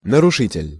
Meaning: violator; trespasser; infringer; perpetrator; disturber; intruder
- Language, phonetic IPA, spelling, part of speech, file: Russian, [nərʊˈʂɨtʲɪlʲ], нарушитель, noun, Ru-нарушитель.ogg